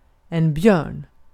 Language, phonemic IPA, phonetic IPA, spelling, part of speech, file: Swedish, /bjøːrn/, [ˈbjœ̞ːɳ], björn, noun, Sv-björn.ogg
- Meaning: 1. a bear (an ursid) 2. a bear (big, hairy (gay) man)